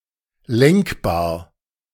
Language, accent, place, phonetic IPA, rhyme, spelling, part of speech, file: German, Germany, Berlin, [ˈlɛŋkbaːɐ̯], -ɛŋkbaːɐ̯, lenkbar, adjective, De-lenkbar.ogg
- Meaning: steerable